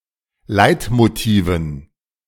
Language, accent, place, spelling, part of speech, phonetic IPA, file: German, Germany, Berlin, Leitmotiven, noun, [ˈlaɪ̯tmoˌtiːvn̩], De-Leitmotiven.ogg
- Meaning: dative plural of Leitmotiv